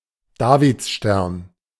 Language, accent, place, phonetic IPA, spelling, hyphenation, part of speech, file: German, Germany, Berlin, [ˈdaːvɪtˌʃtɛʁn], Davidstern, Da‧vid‧stern, noun, De-Davidstern.ogg
- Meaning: Star of David